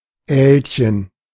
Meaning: 1. diminutive of Aal: little eel 2. eelworm
- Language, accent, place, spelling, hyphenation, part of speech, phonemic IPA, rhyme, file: German, Germany, Berlin, Älchen, Äl‧chen, noun, /ˈɛːl.çən/, -ɛːlçən, De-Älchen.ogg